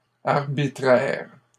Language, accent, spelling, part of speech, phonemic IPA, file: French, Canada, arbitraires, adjective, /aʁ.bi.tʁɛʁ/, LL-Q150 (fra)-arbitraires.wav
- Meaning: plural of arbitraire